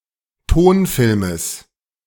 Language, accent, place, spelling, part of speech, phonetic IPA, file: German, Germany, Berlin, Tonfilmes, noun, [ˈtoːnˌfɪlməs], De-Tonfilmes.ogg
- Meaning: genitive singular of Tonfilm